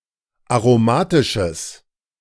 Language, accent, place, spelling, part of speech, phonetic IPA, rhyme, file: German, Germany, Berlin, aromatisches, adjective, [aʁoˈmaːtɪʃəs], -aːtɪʃəs, De-aromatisches.ogg
- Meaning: strong/mixed nominative/accusative neuter singular of aromatisch